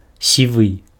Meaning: grey
- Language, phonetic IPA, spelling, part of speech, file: Belarusian, [sʲiˈvɨ], сівы, adjective, Be-сівы.ogg